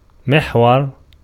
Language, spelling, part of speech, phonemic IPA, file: Arabic, محور, noun, /miħ.war/, Ar-محور.ogg
- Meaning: 1. axis, pivot 2. core, heart, center 3. dough roller